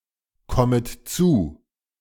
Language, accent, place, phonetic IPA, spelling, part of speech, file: German, Germany, Berlin, [ˌkɔmət ˈt͡suː], kommet zu, verb, De-kommet zu.ogg
- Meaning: second-person plural subjunctive I of zukommen